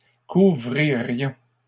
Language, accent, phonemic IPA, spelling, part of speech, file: French, Canada, /ku.vʁi.ʁjɔ̃/, couvririons, verb, LL-Q150 (fra)-couvririons.wav
- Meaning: first-person plural conditional of couvrir